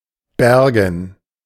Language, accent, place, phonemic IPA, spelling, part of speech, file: German, Germany, Berlin, /ˈbɛrɡən/, bergen, verb, De-bergen.ogg
- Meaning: 1. to recover, salvage, rescue; with regard to living beings this can mean dead or alive, for the latter retten is the normal word 2. to contain, hold, shelter, conceal 3. to take in, shorten (a sail)